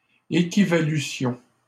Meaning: first-person plural imperfect subjunctive of équivaloir
- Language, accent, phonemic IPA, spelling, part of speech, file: French, Canada, /e.ki.va.ly.sjɔ̃/, équivalussions, verb, LL-Q150 (fra)-équivalussions.wav